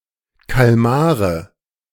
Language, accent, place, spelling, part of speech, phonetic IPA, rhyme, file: German, Germany, Berlin, Kalmare, noun, [kalˈmaːʁə], -aːʁə, De-Kalmare.ogg
- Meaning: nominative/accusative/genitive plural of Kalmar